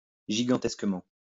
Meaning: massively; hugely; enormously
- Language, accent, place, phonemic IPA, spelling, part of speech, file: French, France, Lyon, /ʒi.ɡɑ̃.tɛs.kə.mɑ̃/, gigantesquement, adverb, LL-Q150 (fra)-gigantesquement.wav